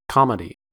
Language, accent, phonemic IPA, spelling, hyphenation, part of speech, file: English, General American, /ˈkɑmədi/, comedy, com‧e‧dy, noun, En-us-comedy.ogg
- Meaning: 1. a choric song of celebration or revel, especially in Ancient Greece 2. a light, amusing play with a happy ending 3. a narrative poem with an agreeable ending (e.g., The Divine Comedy)